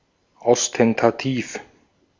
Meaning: ostentatious
- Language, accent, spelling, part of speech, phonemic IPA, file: German, Austria, ostentativ, adjective, /ɔstɛntaˈtiːf/, De-at-ostentativ.ogg